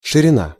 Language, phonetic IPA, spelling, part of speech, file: Russian, [ʂɨrʲɪˈna], ширина, noun, Ru-ширина.ogg
- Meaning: width, breadth